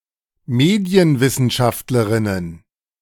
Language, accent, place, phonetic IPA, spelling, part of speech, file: German, Germany, Berlin, [ˈmeːdi̯ənvɪsn̩ˌʃaftləʁɪnən], Medienwissenschaftlerinnen, noun, De-Medienwissenschaftlerinnen.ogg
- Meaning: plural of Medienwissenschaftlerin